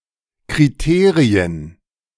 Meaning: plural of Kriterium
- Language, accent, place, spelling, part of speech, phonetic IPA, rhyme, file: German, Germany, Berlin, Kriterien, noun, [kʁiˈteːʁiən], -eːʁiən, De-Kriterien.ogg